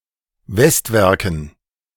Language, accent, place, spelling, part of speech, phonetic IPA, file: German, Germany, Berlin, Westwerken, noun, [ˈvɛstˌvɛʁkn̩], De-Westwerken.ogg
- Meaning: dative plural of Westwerk